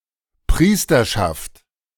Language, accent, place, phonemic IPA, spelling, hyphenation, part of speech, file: German, Germany, Berlin, /ˈpʁiːstɐʃaft/, Priesterschaft, Pries‧ter‧schaft, noun, De-Priesterschaft.ogg
- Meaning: priesthood